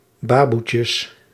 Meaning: plural of baboetje
- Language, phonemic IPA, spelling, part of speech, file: Dutch, /ˈbaːbutjəs/, baboetjes, noun, Nl-baboetjes.ogg